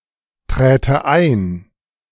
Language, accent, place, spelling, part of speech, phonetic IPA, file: German, Germany, Berlin, träte ein, verb, [ˌtʁɛːtə ˈaɪ̯n], De-träte ein.ogg
- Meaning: first/third-person singular subjunctive II of eintreten